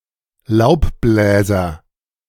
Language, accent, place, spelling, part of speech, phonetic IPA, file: German, Germany, Berlin, Laubbläser, noun, [ˈlaʊ̯pˌblɛːzɐ], De-Laubbläser.ogg
- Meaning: leafblower